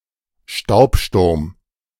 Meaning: dust storm
- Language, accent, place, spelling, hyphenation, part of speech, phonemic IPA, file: German, Germany, Berlin, Staubsturm, Staub‧sturm, noun, /ˈʃtaʊ̯pˌʃtʊʁm/, De-Staubsturm.ogg